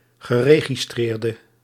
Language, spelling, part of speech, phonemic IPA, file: Dutch, geregistreerde, verb / adjective / noun, /ɣəˌreɣiˈstrerdə/, Nl-geregistreerde.ogg
- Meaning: inflection of geregistreerd: 1. masculine/feminine singular attributive 2. definite neuter singular attributive 3. plural attributive